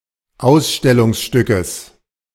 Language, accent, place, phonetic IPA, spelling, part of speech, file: German, Germany, Berlin, [ˈaʊ̯sʃtɛlʊŋsˌʃtʏkəs], Ausstellungsstückes, noun, De-Ausstellungsstückes.ogg
- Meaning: genitive singular of Ausstellungsstück